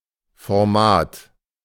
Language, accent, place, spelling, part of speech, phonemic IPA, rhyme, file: German, Germany, Berlin, Format, noun, /fɔʁˈmaːt/, -aːt, De-Format.ogg
- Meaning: 1. stature 2. format